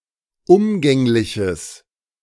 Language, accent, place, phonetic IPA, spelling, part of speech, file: German, Germany, Berlin, [ˈʊmɡɛŋlɪçəs], umgängliches, adjective, De-umgängliches.ogg
- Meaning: strong/mixed nominative/accusative neuter singular of umgänglich